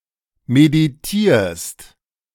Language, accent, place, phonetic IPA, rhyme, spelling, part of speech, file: German, Germany, Berlin, [mediˈtiːɐ̯st], -iːɐ̯st, meditierst, verb, De-meditierst.ogg
- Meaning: second-person singular present of meditieren